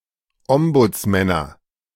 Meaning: nominative/accusative/genitive plural of Ombudsmann
- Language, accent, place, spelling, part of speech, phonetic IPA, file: German, Germany, Berlin, Ombudsmänner, noun, [ˈɔmbʊt͡sˌmɛnɐ], De-Ombudsmänner.ogg